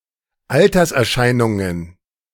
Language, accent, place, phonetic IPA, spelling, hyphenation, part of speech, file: German, Germany, Berlin, [ˈaltɐsʔɛɐ̯ˌʃaɪ̯nʊŋən], Alterserscheinungen, Al‧ters‧er‧schei‧nun‧gen, noun, De-Alterserscheinungen.ogg
- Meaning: plural of Alterserscheinung